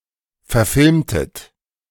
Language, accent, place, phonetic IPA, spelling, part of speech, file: German, Germany, Berlin, [fɛɐ̯ˈfɪlmtət], verfilmtet, verb, De-verfilmtet.ogg
- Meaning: inflection of verfilmen: 1. second-person plural preterite 2. second-person plural subjunctive II